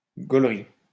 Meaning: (verb) to laugh; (adjective) funny, laughable
- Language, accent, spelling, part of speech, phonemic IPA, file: French, France, golri, verb / adjective, /ɡɔl.ʁi/, LL-Q150 (fra)-golri.wav